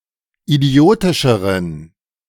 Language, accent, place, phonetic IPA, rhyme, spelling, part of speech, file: German, Germany, Berlin, [iˈdi̯oːtɪʃəʁən], -oːtɪʃəʁən, idiotischeren, adjective, De-idiotischeren.ogg
- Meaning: inflection of idiotisch: 1. strong genitive masculine/neuter singular comparative degree 2. weak/mixed genitive/dative all-gender singular comparative degree